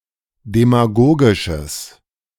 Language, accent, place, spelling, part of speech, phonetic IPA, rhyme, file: German, Germany, Berlin, demagogisches, adjective, [demaˈɡoːɡɪʃəs], -oːɡɪʃəs, De-demagogisches.ogg
- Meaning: strong/mixed nominative/accusative neuter singular of demagogisch